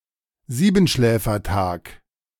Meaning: Seven Sleepers Day
- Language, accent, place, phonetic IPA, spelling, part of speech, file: German, Germany, Berlin, [ˈziːbn̩ʃlɛːfɐˌtaːk], Siebenschläfertag, noun, De-Siebenschläfertag.ogg